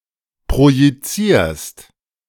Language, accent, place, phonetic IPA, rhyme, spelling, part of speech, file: German, Germany, Berlin, [pʁojiˈt͡siːɐ̯st], -iːɐ̯st, projizierst, verb, De-projizierst.ogg
- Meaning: second-person singular present of projizieren